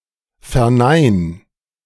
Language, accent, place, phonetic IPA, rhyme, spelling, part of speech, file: German, Germany, Berlin, [fɛɐ̯ˈnaɪ̯n], -aɪ̯n, vernein, verb, De-vernein.ogg
- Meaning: 1. singular imperative of verneinen 2. first-person singular present of verneinen